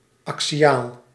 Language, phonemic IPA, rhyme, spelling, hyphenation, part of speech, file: Dutch, /ˌɑk.siˈaːl/, -aːl, axiaal, axi‧aal, adjective, Nl-axiaal.ogg
- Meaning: axial (pertaining to an axis, moving around an axis)